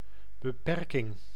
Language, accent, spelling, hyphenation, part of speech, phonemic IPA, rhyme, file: Dutch, Netherlands, beperking, be‧per‧king, noun, /bəˈpɛr.kɪŋ/, -ɛrkɪŋ, Nl-beperking.ogg
- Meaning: 1. restriction, limitation, constraint 2. disability, handicap